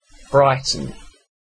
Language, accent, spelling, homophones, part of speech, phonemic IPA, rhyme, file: English, UK, Brighton, brighten, proper noun, /ˈbɹaɪtən/, -aɪtən, En-uk-Brighton.ogg
- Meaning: A placename: 1. A coastal city in East Sussex, England 2. A hamlet in St Enoder parish and Ladock parish, south-east of Newquay, Cornwall, England (OS grid ref SW9054)